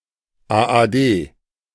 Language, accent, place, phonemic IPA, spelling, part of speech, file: German, Germany, Berlin, /aːʔaːˈdeː/, AAD, symbol, De-AAD.ogg
- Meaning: AAD